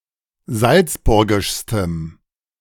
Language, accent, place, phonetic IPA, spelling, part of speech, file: German, Germany, Berlin, [ˈzalt͡sˌbʊʁɡɪʃstəm], salzburgischstem, adjective, De-salzburgischstem.ogg
- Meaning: strong dative masculine/neuter singular superlative degree of salzburgisch